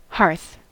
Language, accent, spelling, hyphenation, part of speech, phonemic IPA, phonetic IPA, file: English, US, hearth, hearth, noun, /ˈhɑɹθ/, [ˈhɑɹθ], En-us-hearth.ogg